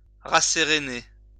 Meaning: 1. to reassure 2. to calm down
- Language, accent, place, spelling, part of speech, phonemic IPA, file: French, France, Lyon, rasséréner, verb, /ʁa.se.ʁe.ne/, LL-Q150 (fra)-rasséréner.wav